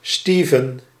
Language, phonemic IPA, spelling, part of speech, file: Dutch, /ˈsteːvən/, Steven, proper noun, Nl-Steven.ogg
- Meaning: a male given name from Ancient Greek